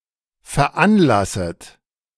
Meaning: second-person plural subjunctive I of veranlassen
- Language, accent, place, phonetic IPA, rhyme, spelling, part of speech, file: German, Germany, Berlin, [fɛɐ̯ˈʔanˌlasət], -anlasət, veranlasset, verb, De-veranlasset.ogg